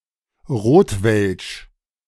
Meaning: Rotwelsch (secret cant formerly spoken in southern Germany and Switzerland)
- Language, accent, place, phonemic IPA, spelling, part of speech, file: German, Germany, Berlin, /ˈʁoːtvɛlʃ/, Rotwelsch, proper noun, De-Rotwelsch.ogg